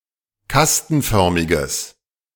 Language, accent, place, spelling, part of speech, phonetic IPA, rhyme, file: German, Germany, Berlin, kastenförmiges, adjective, [ˈkastn̩ˌfœʁmɪɡəs], -astn̩fœʁmɪɡəs, De-kastenförmiges.ogg
- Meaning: strong/mixed nominative/accusative neuter singular of kastenförmig